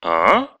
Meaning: 1. ah, aah, oh (expressing understanding or realisation) 2. aah (a cry of horror, the sound of screaming)
- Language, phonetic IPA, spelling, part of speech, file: Russian, [aː], а-а, interjection, Ru-а-а́.ogg